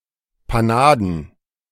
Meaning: plural of Panade
- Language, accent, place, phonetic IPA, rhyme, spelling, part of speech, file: German, Germany, Berlin, [paˈnaːdn̩], -aːdn̩, Panaden, noun, De-Panaden.ogg